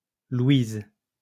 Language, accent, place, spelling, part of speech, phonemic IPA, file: French, France, Lyon, Louise, proper noun, /lwiz/, LL-Q150 (fra)-Louise.wav
- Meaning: a female given name, masculine equivalent Louis